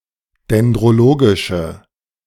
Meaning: inflection of dendrologisch: 1. strong/mixed nominative/accusative feminine singular 2. strong nominative/accusative plural 3. weak nominative all-gender singular
- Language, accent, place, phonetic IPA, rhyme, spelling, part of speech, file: German, Germany, Berlin, [dɛndʁoˈloːɡɪʃə], -oːɡɪʃə, dendrologische, adjective, De-dendrologische.ogg